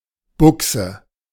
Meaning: 1. bushing (hollow cylinder) 2. socket, outlet (opening) 3. misspelling of Buxe (“trousers”)
- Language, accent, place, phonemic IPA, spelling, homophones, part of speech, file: German, Germany, Berlin, /ˈbʊksə/, Buchse, Buxe, noun, De-Buchse.ogg